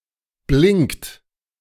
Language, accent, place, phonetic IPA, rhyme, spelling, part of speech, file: German, Germany, Berlin, [blɪŋkt], -ɪŋkt, blinkt, verb, De-blinkt.ogg
- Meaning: inflection of blinken: 1. second-person plural present 2. third-person singular present 3. plural imperative